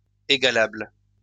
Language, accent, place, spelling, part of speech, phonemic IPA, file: French, France, Lyon, égalable, adjective, /e.ɡa.labl/, LL-Q150 (fra)-égalable.wav
- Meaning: comparable